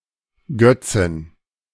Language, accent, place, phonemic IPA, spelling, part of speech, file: German, Germany, Berlin, /ˈɡœtsn̩/, Götzen, noun, De-Götzen.ogg
- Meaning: 1. genitive singular of Götze 2. dative singular of Götze 3. accusative singular of Götze 4. nominative plural of Götze 5. genitive plural of Götze 6. dative plural of Götze